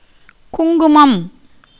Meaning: 1. kumkum, saffron powder worn by Hindus (especially married women) on the forehead 2. saffron (Crocus sativus)
- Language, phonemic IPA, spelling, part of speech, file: Tamil, /kʊŋɡʊmɐm/, குங்குமம், noun, Ta-குங்குமம்.ogg